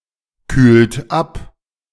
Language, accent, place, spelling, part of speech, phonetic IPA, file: German, Germany, Berlin, kühlt ab, verb, [ˌkyːlt ˈap], De-kühlt ab.ogg
- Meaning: inflection of abkühlen: 1. third-person singular present 2. second-person plural present 3. plural imperative